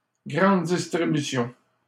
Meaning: large retailers, supermarkets
- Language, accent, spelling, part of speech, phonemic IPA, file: French, Canada, grande distribution, noun, /ɡʁɑ̃d dis.tʁi.by.sjɔ̃/, LL-Q150 (fra)-grande distribution.wav